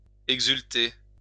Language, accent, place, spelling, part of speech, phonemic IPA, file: French, France, Lyon, exulter, verb, /ɛɡ.zyl.te/, LL-Q150 (fra)-exulter.wav
- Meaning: to exult, rejoice